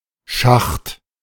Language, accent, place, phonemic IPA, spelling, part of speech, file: German, Germany, Berlin, /ʃaxt/, Schacht, noun, De-Schacht.ogg
- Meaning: shaft, mineshaft (tunnel)